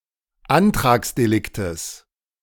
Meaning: genitive singular of Antragsdelikt
- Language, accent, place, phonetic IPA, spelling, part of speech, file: German, Germany, Berlin, [ˈantʁaːksdeˌlɪktəs], Antragsdeliktes, noun, De-Antragsdeliktes.ogg